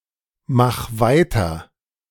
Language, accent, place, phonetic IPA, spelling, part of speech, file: German, Germany, Berlin, [ˌmax ˈvaɪ̯tɐ], mach weiter, verb, De-mach weiter.ogg
- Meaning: 1. singular imperative of weitermachen 2. first-person singular present of weitermachen